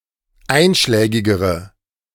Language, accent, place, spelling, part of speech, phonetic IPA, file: German, Germany, Berlin, einschlägigere, adjective, [ˈaɪ̯nʃlɛːɡɪɡəʁə], De-einschlägigere.ogg
- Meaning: inflection of einschlägig: 1. strong/mixed nominative/accusative feminine singular comparative degree 2. strong nominative/accusative plural comparative degree